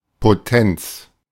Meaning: 1. potency 2. virility 3. power (maths)
- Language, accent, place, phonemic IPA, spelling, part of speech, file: German, Germany, Berlin, /ˌpoˈtɛnt͡s/, Potenz, noun, De-Potenz.ogg